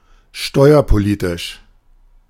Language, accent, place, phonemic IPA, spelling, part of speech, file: German, Germany, Berlin, /ˈʃtɔɪ̯ɐpoˌliːtɪʃ/, steuerpolitisch, adjective, De-steuerpolitisch.ogg
- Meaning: fiscal